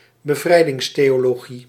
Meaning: liberation theology (type of theology inspired by Marxism)
- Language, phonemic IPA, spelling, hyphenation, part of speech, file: Dutch, /bəˈvrɛi̯.dɪŋs.teː.oː.loːˌɣi/, bevrijdingstheologie, be‧vrij‧dings‧theo‧lo‧gie, noun, Nl-bevrijdingstheologie.ogg